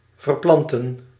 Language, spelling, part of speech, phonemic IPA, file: Dutch, verplanten, verb, /vər.ˈplɑn.tə(n)/, Nl-verplanten.ogg
- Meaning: to replant